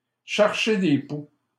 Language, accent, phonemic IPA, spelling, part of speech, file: French, Canada, /ʃɛʁ.ʃe de pu/, chercher des poux, verb, LL-Q150 (fra)-chercher des poux.wav
- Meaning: to try and pick a fight, to try to pick a quarrel